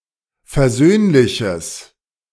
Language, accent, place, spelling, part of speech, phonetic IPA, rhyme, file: German, Germany, Berlin, versöhnliches, adjective, [fɛɐ̯ˈzøːnlɪçəs], -øːnlɪçəs, De-versöhnliches.ogg
- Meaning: strong/mixed nominative/accusative neuter singular of versöhnlich